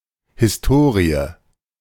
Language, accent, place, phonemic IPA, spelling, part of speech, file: German, Germany, Berlin, /hɪsˈtoːʁiə/, Historie, noun, De-Historie.ogg
- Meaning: history (historical narrative)